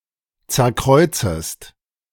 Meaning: second-person singular subjunctive I of zerkreuzen
- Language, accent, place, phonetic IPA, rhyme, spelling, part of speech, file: German, Germany, Berlin, [ˌt͡sɛɐ̯ˈkʁɔɪ̯t͡səst], -ɔɪ̯t͡səst, zerkreuzest, verb, De-zerkreuzest.ogg